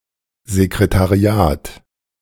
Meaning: 1. a central office in any business or institution (or a department thereof), responsible for correspondence, making appointments, and general administrative support 2. secretariat
- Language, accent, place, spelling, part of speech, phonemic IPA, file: German, Germany, Berlin, Sekretariat, noun, /ze.kre.ta.riˈaːt/, De-Sekretariat.ogg